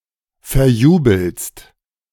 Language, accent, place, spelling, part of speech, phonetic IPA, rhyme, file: German, Germany, Berlin, verjubelst, verb, [fɛɐ̯ˈjuːbl̩st], -uːbl̩st, De-verjubelst.ogg
- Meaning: second-person singular present of verjubeln